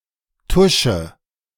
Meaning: inflection of tuschen: 1. first-person singular present 2. first/third-person singular subjunctive I 3. singular imperative
- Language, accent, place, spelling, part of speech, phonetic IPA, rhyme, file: German, Germany, Berlin, tusche, verb, [ˈtʊʃə], -ʊʃə, De-tusche.ogg